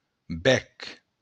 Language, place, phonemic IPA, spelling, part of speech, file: Occitan, Béarn, /ˈbɛk/, bèc, noun, LL-Q14185 (oci)-bèc.wav
- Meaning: beak (of a bird)